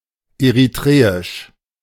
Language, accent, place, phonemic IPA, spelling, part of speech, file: German, Germany, Berlin, /eʁiˈtʁeːɪʃ/, eritreisch, adjective, De-eritreisch.ogg
- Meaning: of Eritrea; Eritrean